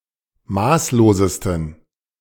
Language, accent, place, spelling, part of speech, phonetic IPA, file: German, Germany, Berlin, maßlosesten, adjective, [ˈmaːsloːzəstn̩], De-maßlosesten.ogg
- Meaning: 1. superlative degree of maßlos 2. inflection of maßlos: strong genitive masculine/neuter singular superlative degree